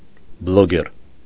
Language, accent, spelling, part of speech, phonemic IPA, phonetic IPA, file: Armenian, Eastern Armenian, բլոգեր, noun, /b(ə)loˈɡeɾ/, [b(ə)loɡéɾ], Hy-բլոգեր.ogg
- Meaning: blogger